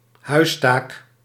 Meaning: homework
- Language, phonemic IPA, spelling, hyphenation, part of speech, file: Dutch, /ˈhœystak/, huistaak, huis‧taak, noun, Nl-huistaak.ogg